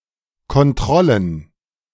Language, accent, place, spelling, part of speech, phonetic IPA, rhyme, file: German, Germany, Berlin, Kontrollen, noun, [kɔnˈtʁɔlən], -ɔlən, De-Kontrollen.ogg
- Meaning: plural of Kontrolle